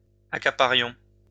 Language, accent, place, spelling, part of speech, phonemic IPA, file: French, France, Lyon, accaparions, verb, /a.ka.pa.ʁjɔ̃/, LL-Q150 (fra)-accaparions.wav
- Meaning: inflection of accaparer: 1. first-person plural imperfect indicative 2. first-person plural present subjunctive